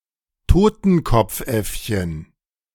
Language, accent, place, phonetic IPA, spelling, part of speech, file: German, Germany, Berlin, [ˈtoːtn̩kɔp͡fˌʔɛfçən], Totenkopfäffchen, noun, De-Totenkopfäffchen.ogg
- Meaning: squirrel monkey